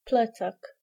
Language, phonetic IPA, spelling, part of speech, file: Polish, [ˈplɛt͡sak], plecak, noun, Pl-plecak.ogg